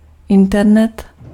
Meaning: 1. the Internet 2. internet (any set of computer networks)
- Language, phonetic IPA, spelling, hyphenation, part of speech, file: Czech, [ˈɪntɛrnɛt], internet, in‧ter‧net, noun, Cs-internet.ogg